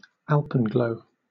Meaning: A rosy or reddish glow seen during sunset or sunrise on the summits of mountains, especially snow-covered mountains on the opposite side of the sun
- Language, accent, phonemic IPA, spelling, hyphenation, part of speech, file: English, Southern England, /ˈal.pən.ɡləʊ/, alpenglow, al‧pen‧glow, noun, LL-Q1860 (eng)-alpenglow.wav